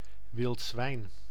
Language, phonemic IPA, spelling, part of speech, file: Dutch, /ˌʋɪlt ˈzʋɛi̯n/, wild zwijn, noun, Nl-wild zwijn.ogg
- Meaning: wild boar (Sus scrofa)